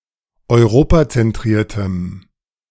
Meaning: strong dative masculine/neuter singular of europazentriert
- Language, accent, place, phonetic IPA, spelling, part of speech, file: German, Germany, Berlin, [ɔɪ̯ˈʁoːpat͡sɛnˌtʁiːɐ̯təm], europazentriertem, adjective, De-europazentriertem.ogg